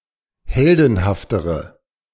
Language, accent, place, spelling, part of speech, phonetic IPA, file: German, Germany, Berlin, heldenhaftere, adjective, [ˈhɛldn̩haftəʁə], De-heldenhaftere.ogg
- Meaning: inflection of heldenhaft: 1. strong/mixed nominative/accusative feminine singular comparative degree 2. strong nominative/accusative plural comparative degree